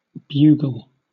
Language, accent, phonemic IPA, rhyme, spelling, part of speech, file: English, Southern England, /ˈbjuːɡəl/, -uːɡəl, bugle, noun / verb / adjective, LL-Q1860 (eng)-bugle.wav
- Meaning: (noun) 1. A horn used by hunters 2. A simple brass instrument consisting of a horn with no valves, playing only pitches in its harmonic series 3. The sound of something that bugles